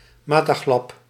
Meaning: out of one's mind, insane (esp. out of rage), enraged
- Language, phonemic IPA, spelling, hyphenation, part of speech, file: Dutch, /maː.taːˈɣlɑp/, mataglap, ma‧ta‧glap, adjective, Nl-mataglap.ogg